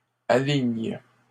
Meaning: second-person singular present indicative/subjunctive of aligner
- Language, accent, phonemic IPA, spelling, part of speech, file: French, Canada, /a.liɲ/, alignes, verb, LL-Q150 (fra)-alignes.wav